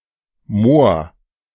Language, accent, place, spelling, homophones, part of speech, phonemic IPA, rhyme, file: German, Germany, Berlin, Mohr, Moor, noun, /moːɐ̯/, -oːɐ̯, De-Mohr.ogg
- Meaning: blackamoor, negro; Moor